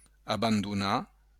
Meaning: to abandon
- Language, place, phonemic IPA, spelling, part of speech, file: Occitan, Béarn, /abanduˈna/, abandonar, verb, LL-Q14185 (oci)-abandonar.wav